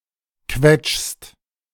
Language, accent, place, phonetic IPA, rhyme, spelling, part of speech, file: German, Germany, Berlin, [kvɛt͡ʃst], -ɛt͡ʃst, quetschst, verb, De-quetschst.ogg
- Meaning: second-person singular present of quetschen